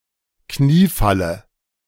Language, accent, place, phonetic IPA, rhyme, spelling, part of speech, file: German, Germany, Berlin, [ˈkniːˌfalə], -iːfalə, Kniefalle, noun, De-Kniefalle.ogg
- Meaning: dative singular of Kniefall